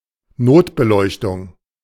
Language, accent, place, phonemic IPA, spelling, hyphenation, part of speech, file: German, Germany, Berlin, /ˈnoːtbəˌlɔɪ̯çtʊŋ/, Notbeleuchtung, Not‧be‧leuch‧tung, noun, De-Notbeleuchtung.ogg
- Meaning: emergency lighting